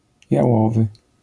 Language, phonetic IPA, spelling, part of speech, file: Polish, [jaˈwɔvɨ], jałowy, adjective, LL-Q809 (pol)-jałowy.wav